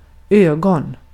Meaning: 1. eye 2. eye: eyeball (see the usage notes below) 3. eye (a hole at the blunt end of a needle) 4. eye (the center of a hurricane) 5. eye (a reproductive bud in a potato)
- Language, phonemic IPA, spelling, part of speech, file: Swedish, /²øːɡa/, öga, noun, Sv-öga.ogg